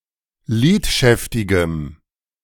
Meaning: strong dative masculine/neuter singular of lidschäftig
- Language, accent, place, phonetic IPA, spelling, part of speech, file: German, Germany, Berlin, [ˈliːtˌʃɛftɪɡəm], lidschäftigem, adjective, De-lidschäftigem.ogg